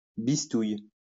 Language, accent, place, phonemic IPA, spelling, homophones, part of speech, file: French, France, Lyon, /bis.tuj/, bistouille, bistouillent / bistouilles, verb, LL-Q150 (fra)-bistouille.wav
- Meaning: inflection of bistouiller: 1. first/third-person singular present indicative/subjunctive 2. second-person singular imperative